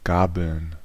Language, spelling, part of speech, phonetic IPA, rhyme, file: German, Gabeln, noun, [ˈɡaːbl̩n], -aːbl̩n, De-Gabeln.ogg
- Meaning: plural of Gabel (“forks”)